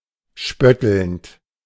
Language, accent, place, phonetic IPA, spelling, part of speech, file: German, Germany, Berlin, [ˈʃpœtl̩nt], spöttelnd, verb, De-spöttelnd.ogg
- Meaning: present participle of spötteln